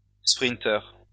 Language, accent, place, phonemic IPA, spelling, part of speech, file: French, France, Lyon, /spʁin.tœʁ/, sprinteur, noun, LL-Q150 (fra)-sprinteur.wav
- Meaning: sprinter